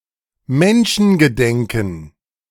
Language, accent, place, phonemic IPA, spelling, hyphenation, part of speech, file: German, Germany, Berlin, /ˈmɛnʃn̩ɡəˌdɛŋkn̩/, Menschengedenken, Men‧schen‧ge‧den‧ken, noun, De-Menschengedenken.ogg
- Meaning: time immemorial